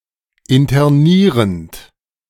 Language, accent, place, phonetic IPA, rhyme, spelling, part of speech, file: German, Germany, Berlin, [ɪntɐˈniːʁənt], -iːʁənt, internierend, verb, De-internierend.ogg
- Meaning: present participle of internieren